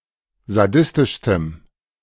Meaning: strong dative masculine/neuter singular superlative degree of sadistisch
- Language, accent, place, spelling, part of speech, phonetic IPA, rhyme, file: German, Germany, Berlin, sadistischstem, adjective, [zaˈdɪstɪʃstəm], -ɪstɪʃstəm, De-sadistischstem.ogg